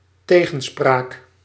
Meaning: 1. backtalk, lip 2. contradiction (logical inconsistency) 3. expression of an opposite opinion
- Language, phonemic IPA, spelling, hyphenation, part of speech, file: Dutch, /ˈteː.ɣə(n)ˌspraːk/, tegenspraak, te‧gen‧spraak, noun, Nl-tegenspraak.ogg